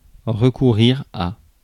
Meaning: 1. to run again, to race again 2. to resort 3. to turn [with à ‘to a person’] (for help, etc.)
- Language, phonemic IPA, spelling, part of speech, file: French, /ʁə.ku.ʁiʁ/, recourir, verb, Fr-recourir.ogg